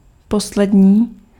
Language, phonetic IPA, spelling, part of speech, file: Czech, [ˈposlɛdɲiː], poslední, adjective, Cs-poslední.ogg
- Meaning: last (final)